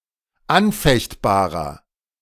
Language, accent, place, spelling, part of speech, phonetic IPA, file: German, Germany, Berlin, anfechtbarer, adjective, [ˈanˌfɛçtbaːʁɐ], De-anfechtbarer.ogg
- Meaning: inflection of anfechtbar: 1. strong/mixed nominative masculine singular 2. strong genitive/dative feminine singular 3. strong genitive plural